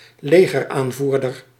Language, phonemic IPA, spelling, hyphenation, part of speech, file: Dutch, /ˈleː.ɣərˌaːn.vur.dər/, legeraanvoerder, le‧ger‧aan‧voer‧der, noun, Nl-legeraanvoerder.ogg
- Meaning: army commander, military commander